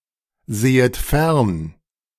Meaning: second-person plural subjunctive I of fernsehen
- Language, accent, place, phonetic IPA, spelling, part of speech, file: German, Germany, Berlin, [ˌzeːət ˈfɛʁn], sehet fern, verb, De-sehet fern.ogg